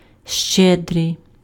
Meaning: generous, munificent
- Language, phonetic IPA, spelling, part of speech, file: Ukrainian, [ˈʃt͡ʃɛdrei̯], щедрий, adjective, Uk-щедрий.ogg